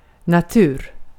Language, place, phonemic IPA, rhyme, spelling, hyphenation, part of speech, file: Swedish, Gotland, /naˈtʉːr/, -ʉːr, natur, na‧tur, noun, Sv-natur.ogg
- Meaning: 1. nature (the natural environment) 2. nature (essential characteristics) 3. short for naturvetenskapsprogrammet